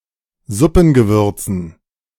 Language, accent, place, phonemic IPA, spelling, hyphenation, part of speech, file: German, Germany, Berlin, /ˈzʊpn̩.ɡəˌvʏrt͡sn̩/, Suppengewürzen, Sup‧pen‧ge‧wür‧zen, noun, De-Suppengewürzen.ogg
- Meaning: dative plural of Suppengewürz